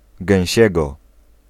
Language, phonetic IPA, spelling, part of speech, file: Polish, [ɡɛ̃w̃ˈɕɛɡɔ], gęsiego, adverb / adjective, Pl-gęsiego.ogg